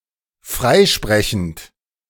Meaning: present participle of freisprechen
- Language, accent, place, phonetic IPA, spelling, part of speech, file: German, Germany, Berlin, [ˈfʁaɪ̯ˌʃpʁɛçn̩t], freisprechend, verb, De-freisprechend.ogg